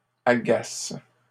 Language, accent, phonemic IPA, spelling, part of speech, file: French, Canada, /a.ɡas/, agaces, verb, LL-Q150 (fra)-agaces.wav
- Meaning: second-person singular present indicative/subjunctive of agacer